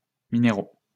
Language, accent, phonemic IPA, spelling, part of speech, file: French, France, /mi.ne.ʁo/, minéraux, noun / adjective, LL-Q150 (fra)-minéraux.wav
- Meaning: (noun) plural of minéral; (adjective) masculine plural of minéral